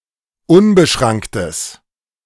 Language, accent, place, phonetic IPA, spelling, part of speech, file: German, Germany, Berlin, [ˈʊnbəˌʃʁaŋktəs], unbeschranktes, adjective, De-unbeschranktes.ogg
- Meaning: strong/mixed nominative/accusative neuter singular of unbeschrankt